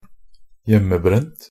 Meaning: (adjective) 1. of liquor; manufactured or distilled, often illegally, from home 2. of a CD; burned at home; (noun) moonshine (high-proof alcohol that is often produced illegally)
- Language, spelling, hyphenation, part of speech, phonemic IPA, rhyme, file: Norwegian Bokmål, hjemmebrent, hjem‧me‧brent, adjective / noun, /ˈjɛmːəˌbrɛnt/, -ɛnt, Nb-hjemmebrent.ogg